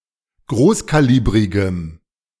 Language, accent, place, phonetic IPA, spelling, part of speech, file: German, Germany, Berlin, [ˈɡʁoːskaˌliːbʁɪɡəm], großkalibrigem, adjective, De-großkalibrigem.ogg
- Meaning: strong dative masculine/neuter singular of großkalibrig